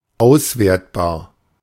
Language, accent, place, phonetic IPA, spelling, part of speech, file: German, Germany, Berlin, [ˈaʊ̯sˌveːɐ̯tbaːɐ̯], auswertbar, adjective, De-auswertbar.ogg
- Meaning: evaluable